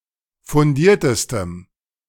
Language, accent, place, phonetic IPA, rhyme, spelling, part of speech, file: German, Germany, Berlin, [fʊnˈdiːɐ̯təstəm], -iːɐ̯təstəm, fundiertestem, adjective, De-fundiertestem.ogg
- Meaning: strong dative masculine/neuter singular superlative degree of fundiert